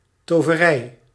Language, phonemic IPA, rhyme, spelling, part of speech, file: Dutch, /toː.vəˈrɛi̯/, -ɛi̯, toverij, noun, Nl-toverij.ogg
- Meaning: sorcery